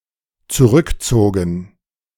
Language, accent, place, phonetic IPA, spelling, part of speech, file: German, Germany, Berlin, [t͡suˈʁʏkˌt͡soːɡn̩], zurückzogen, verb, De-zurückzogen.ogg
- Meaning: first/third-person plural dependent preterite of zurückziehen